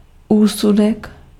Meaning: judgment (act of judging)
- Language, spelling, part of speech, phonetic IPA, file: Czech, úsudek, noun, [ˈuːsudɛk], Cs-úsudek.ogg